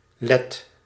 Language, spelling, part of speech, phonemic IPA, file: Dutch, let, noun / verb, /lɛt/, Nl-let.ogg
- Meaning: inflection of letten: 1. first/second/third-person singular present indicative 2. imperative